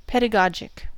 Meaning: Synonym of pedagogical
- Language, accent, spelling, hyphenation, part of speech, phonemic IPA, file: English, US, pedagogic, ped‧a‧go‧gic, adjective, /ˌpɛdəˈɡɑd͡ʒɪk/, En-us-pedagogic.ogg